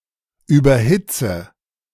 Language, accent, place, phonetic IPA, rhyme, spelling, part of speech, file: German, Germany, Berlin, [ˌyːbɐˈhɪt͡sə], -ɪt͡sə, überhitze, verb, De-überhitze.ogg
- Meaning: inflection of überhitzen: 1. first-person singular present 2. first/third-person singular subjunctive I 3. singular imperative